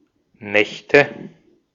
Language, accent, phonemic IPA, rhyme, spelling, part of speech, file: German, Austria, /ˈnɛçtə/, -ɛçtə, Nächte, noun, De-at-Nächte.ogg
- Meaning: nominative/accusative/genitive plural of Nacht